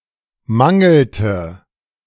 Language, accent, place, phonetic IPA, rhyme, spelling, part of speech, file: German, Germany, Berlin, [ˈmaŋl̩tə], -aŋl̩tə, mangelte, verb, De-mangelte.ogg
- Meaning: inflection of mangeln: 1. first/third-person singular preterite 2. first/third-person singular subjunctive II